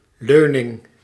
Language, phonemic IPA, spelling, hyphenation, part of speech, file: Dutch, /ˈløː.nɪŋ/, leuning, leu‧ning, noun, Nl-leuning.ogg
- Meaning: 1. bannister, rail (bar for support or safety) 2. side intended to lean/rest upon, particularly in furniture; e.g. an armrest or backrest